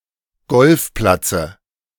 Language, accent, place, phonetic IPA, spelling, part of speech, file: German, Germany, Berlin, [ˈɡɔlfˌplat͡sə], Golfplatze, noun, De-Golfplatze.ogg
- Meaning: dative singular of Golfplatz